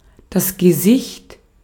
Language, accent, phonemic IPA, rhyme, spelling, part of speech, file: German, Austria, /ɡeˈsɪçt/, -ɪçt, Gesicht, noun, De-at-Gesicht.ogg
- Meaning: 1. face 2. a facial expression, a look 3. that which is outward or in front 4. honour, reputation 5. person, individual 6. sight, vision (the ability to see)